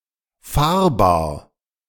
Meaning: mobile
- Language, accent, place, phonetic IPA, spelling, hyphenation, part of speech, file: German, Germany, Berlin, [ˈfaːɐ̯baːɐ̯], fahrbar, fahr‧bar, adjective, De-fahrbar.ogg